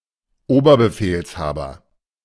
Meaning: commander-in-chief
- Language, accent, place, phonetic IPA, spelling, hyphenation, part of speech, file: German, Germany, Berlin, [ˈoːbɐbəˌfeːlshaːbɐ], Oberbefehlshaber, Ober‧be‧fehls‧ha‧ber, noun, De-Oberbefehlshaber.ogg